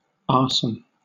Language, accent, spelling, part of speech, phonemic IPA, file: English, Southern England, arson, noun / verb, /ˈɑːsən/, LL-Q1860 (eng)-arson.wav
- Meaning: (noun) The crime of deliberately starting a fire with intent to cause damage; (verb) To illegally set fire to; to burn down in a criminal manner; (noun) A saddlebow